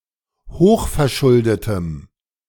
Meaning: strong dative masculine/neuter singular of hochverschuldet
- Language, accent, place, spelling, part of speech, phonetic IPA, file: German, Germany, Berlin, hochverschuldetem, adjective, [ˈhoːxfɛɐ̯ˌʃʊldətəm], De-hochverschuldetem.ogg